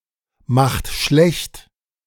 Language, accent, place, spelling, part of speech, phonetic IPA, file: German, Germany, Berlin, macht schlecht, verb, [ˌmaxt ˈʃlɛçt], De-macht schlecht.ogg
- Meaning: inflection of schlechtmachen: 1. second-person plural present 2. third-person singular present 3. plural imperative